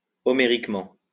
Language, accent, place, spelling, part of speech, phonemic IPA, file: French, France, Lyon, homériquement, adverb, /ɔ.me.ʁik.mɑ̃/, LL-Q150 (fra)-homériquement.wav
- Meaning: Homerically